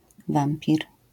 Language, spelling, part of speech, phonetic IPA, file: Polish, wampir, noun, [ˈvãmpʲir], LL-Q809 (pol)-wampir.wav